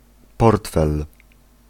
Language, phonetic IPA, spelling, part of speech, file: Polish, [ˈpɔrtfɛl], portfel, noun, Pl-portfel.ogg